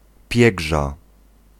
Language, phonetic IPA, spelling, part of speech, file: Polish, [ˈpʲjɛɡʒa], piegża, noun, Pl-piegża.ogg